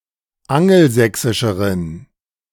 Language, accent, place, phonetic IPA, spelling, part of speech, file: German, Germany, Berlin, [ˈaŋl̩ˌzɛksɪʃəʁən], angelsächsischeren, adjective, De-angelsächsischeren.ogg
- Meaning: inflection of angelsächsisch: 1. strong genitive masculine/neuter singular comparative degree 2. weak/mixed genitive/dative all-gender singular comparative degree